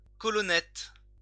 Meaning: a small column
- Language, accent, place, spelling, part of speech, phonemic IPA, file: French, France, Lyon, colonnette, noun, /kɔ.lɔ.nɛt/, LL-Q150 (fra)-colonnette.wav